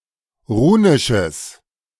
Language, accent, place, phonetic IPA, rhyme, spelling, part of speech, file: German, Germany, Berlin, [ˈʁuːnɪʃəs], -uːnɪʃəs, runisches, adjective, De-runisches.ogg
- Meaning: strong/mixed nominative/accusative neuter singular of runisch